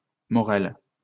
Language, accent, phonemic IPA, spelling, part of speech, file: French, France, /mɔ.ʁɛl/, morelle, noun, LL-Q150 (fra)-morelle.wav
- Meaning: nightshade